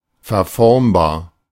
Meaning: deformable, plastic
- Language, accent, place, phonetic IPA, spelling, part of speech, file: German, Germany, Berlin, [fɛɐ̯ˈfɔʁmbaːɐ̯], verformbar, adjective, De-verformbar.ogg